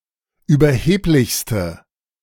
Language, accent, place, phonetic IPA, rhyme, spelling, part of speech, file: German, Germany, Berlin, [yːbɐˈheːplɪçstə], -eːplɪçstə, überheblichste, adjective, De-überheblichste.ogg
- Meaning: inflection of überheblich: 1. strong/mixed nominative/accusative feminine singular superlative degree 2. strong nominative/accusative plural superlative degree